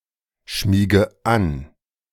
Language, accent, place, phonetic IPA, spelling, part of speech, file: German, Germany, Berlin, [ˌʃmiːɡə ˈan], schmiege an, verb, De-schmiege an.ogg
- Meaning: inflection of anschmiegen: 1. first-person singular present 2. first/third-person singular subjunctive I 3. singular imperative